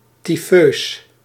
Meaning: typhous
- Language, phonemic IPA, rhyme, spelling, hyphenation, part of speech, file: Dutch, /tiˈføːs/, -øːs, tyfeus, ty‧feus, adjective, Nl-tyfeus.ogg